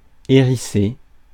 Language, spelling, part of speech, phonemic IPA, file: French, hérissé, verb / adjective, /e.ʁi.se/, Fr-hérissé.ogg
- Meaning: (verb) past participle of hérisser; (adjective) spiky